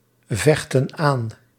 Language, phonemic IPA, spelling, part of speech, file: Dutch, /ˈvɛxtə(n) ˈan/, vechten aan, verb, Nl-vechten aan.ogg
- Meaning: inflection of aanvechten: 1. plural present indicative 2. plural present subjunctive